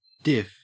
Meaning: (noun) 1. Clipping of difference 2. Clipping of differential
- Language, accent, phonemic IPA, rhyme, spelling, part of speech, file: English, Australia, /dɪf/, -ɪf, diff, noun / verb / adjective / proper noun, En-au-diff.ogg